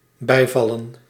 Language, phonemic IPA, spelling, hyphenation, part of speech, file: Dutch, /ˈbɛi̯ˌvɑ.lə(n)/, bijvallen, bij‧val‧len, verb, Nl-bijvallen.ogg
- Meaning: 1. to fall in addition 2. to second, take side